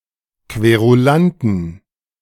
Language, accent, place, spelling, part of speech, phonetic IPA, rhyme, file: German, Germany, Berlin, Querulanten, noun, [kveʁuˈlantn̩], -antn̩, De-Querulanten.ogg
- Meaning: inflection of Querulant: 1. genitive/dative/accusative singular 2. nominative/genitive/dative/accusative plural